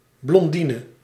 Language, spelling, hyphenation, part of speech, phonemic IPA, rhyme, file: Dutch, blondine, blon‧di‧ne, noun, /blɔnˈdiːnə/, -iːnə, Nl-blondine.ogg
- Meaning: a blonde (fair-haired) female